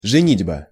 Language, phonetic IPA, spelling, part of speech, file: Russian, [ʐɨˈnʲidʲbə], женитьба, noun, Ru-женитьба.ogg
- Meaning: marriage (especially from a man's perspective)